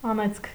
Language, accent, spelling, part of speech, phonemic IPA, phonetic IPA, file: Armenian, Eastern Armenian, անեծք, noun, /ɑˈnet͡skʰ/, [ɑnét͡skʰ], Hy-անեծք.ogg
- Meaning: curse, damnation, imprecation; anathema